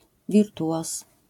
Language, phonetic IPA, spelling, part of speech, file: Polish, [vʲirˈtuʷɔs], wirtuoz, noun, LL-Q809 (pol)-wirtuoz.wav